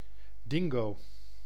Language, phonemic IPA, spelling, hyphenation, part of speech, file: Dutch, /ˈdɪŋ.ɡoː/, dingo, din‧go, noun, Nl-dingo.ogg
- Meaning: dingo, Canis lupus dingo (Australian wild dog)